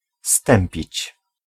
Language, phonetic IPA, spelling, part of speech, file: Polish, [ˈstɛ̃mpʲit͡ɕ], stępić, verb, Pl-stępić.ogg